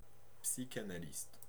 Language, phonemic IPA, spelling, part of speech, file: French, /psi.ka.na.list/, psychanalyste, noun, Fr-psychanalyste.ogg
- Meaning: psychoanalyst